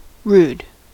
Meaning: 1. Lacking in refinement or civility; bad-mannered; discourteous 2. Lacking refinement or skill; untaught; ignorant; raw 3. Violent; abrupt; turbulent 4. Somewhat obscene, pornographic, offensive
- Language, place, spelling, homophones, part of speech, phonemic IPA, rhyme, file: English, California, rude, rood / rued, adjective, /ɹud/, -uːd, En-us-rude.ogg